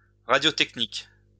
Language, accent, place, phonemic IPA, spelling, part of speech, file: French, France, Lyon, /ʁa.djɔ.tɛk.nik/, radiotechnique, noun, LL-Q150 (fra)-radiotechnique.wav
- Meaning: radio engineering / technology